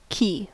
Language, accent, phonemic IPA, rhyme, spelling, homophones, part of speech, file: English, US, /ki/, -iː, key, cay / ki / quay, noun / adjective / verb, En-us-key.ogg
- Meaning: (noun) An object designed to open and close a lock or to activate or deactivate something, especially a length of metal inserted into a narrow opening on the lock to which it is matched (keyed)